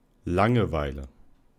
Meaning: boredom, ennui, tedium
- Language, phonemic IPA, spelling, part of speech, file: German, /ˈlaŋəˌvaɪ̯lə/, Langeweile, noun, De-Langeweile.ogg